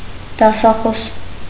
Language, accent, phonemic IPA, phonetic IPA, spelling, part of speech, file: Armenian, Eastern Armenian, /dɑsɑˈχos/, [dɑsɑχós], դասախոս, noun, Hy-դասախոս.ogg
- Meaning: lecturer; university professor